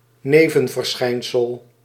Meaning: side effect
- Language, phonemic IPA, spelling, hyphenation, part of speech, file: Dutch, /ˈneː.və(n).vərˌsxɛi̯n.səl/, nevenverschijnsel, ne‧ven‧ver‧schijn‧sel, noun, Nl-nevenverschijnsel.ogg